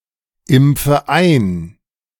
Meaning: inflection of einimpfen: 1. first-person singular present 2. first/third-person singular subjunctive I 3. singular imperative
- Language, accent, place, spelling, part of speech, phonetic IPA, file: German, Germany, Berlin, impfe ein, verb, [ˌɪmp͡fə ˈaɪ̯n], De-impfe ein.ogg